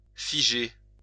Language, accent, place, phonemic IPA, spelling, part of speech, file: French, France, Lyon, /fi.ʒe/, figer, verb, LL-Q150 (fra)-figer.wav
- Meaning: 1. to freeze 2. to fix 3. to congeal; to thicken; to clot 4. to scare, frighten